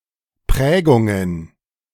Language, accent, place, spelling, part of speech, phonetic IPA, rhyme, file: German, Germany, Berlin, Prägungen, noun, [ˈpʁɛːɡʊŋən], -ɛːɡʊŋən, De-Prägungen.ogg
- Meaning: plural of Prägung